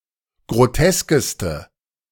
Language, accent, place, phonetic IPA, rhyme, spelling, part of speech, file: German, Germany, Berlin, [ɡʁoˈtɛskəstə], -ɛskəstə, groteskeste, adjective, De-groteskeste.ogg
- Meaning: inflection of grotesk: 1. strong/mixed nominative/accusative feminine singular superlative degree 2. strong nominative/accusative plural superlative degree